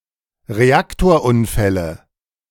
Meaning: nominative/accusative/genitive plural of Reaktorunfall
- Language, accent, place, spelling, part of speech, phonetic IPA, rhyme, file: German, Germany, Berlin, Reaktorunfälle, noun, [ʁeˈaktoːɐ̯ˌʔʊnfɛlə], -aktoːɐ̯ʔʊnfɛlə, De-Reaktorunfälle.ogg